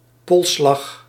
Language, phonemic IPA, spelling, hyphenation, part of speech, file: Dutch, /ˈpɔl.slɑx/, polsslag, pols‧slag, noun, Nl-polsslag.ogg
- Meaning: pulse (felt at the wrist artery)